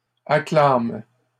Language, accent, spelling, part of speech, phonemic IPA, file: French, Canada, acclament, verb, /a.klam/, LL-Q150 (fra)-acclament.wav
- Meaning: third-person plural present indicative/subjunctive of acclamer